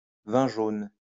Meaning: vin jaune
- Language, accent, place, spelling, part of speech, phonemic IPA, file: French, France, Lyon, vin jaune, noun, /vɛ̃ ʒon/, LL-Q150 (fra)-vin jaune.wav